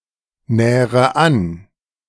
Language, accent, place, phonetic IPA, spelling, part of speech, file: German, Germany, Berlin, [ˌnɛːʁə ˈan], nähre an, verb, De-nähre an.ogg
- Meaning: inflection of annähern: 1. first-person singular present 2. first/third-person singular subjunctive I 3. singular imperative